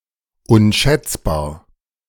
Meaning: inestimable, uncalculable, invaluable
- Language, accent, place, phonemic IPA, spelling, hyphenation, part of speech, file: German, Germany, Berlin, /unˈʃɛt͡sbaːɐ̯/, unschätzbar, un‧schätz‧bar, adjective, De-unschätzbar.ogg